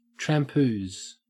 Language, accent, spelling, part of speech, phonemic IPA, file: English, Australia, trampoose, verb, /tɹæmˈpuːz/, En-au-trampoose.ogg
- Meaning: To walk laboriously or heavily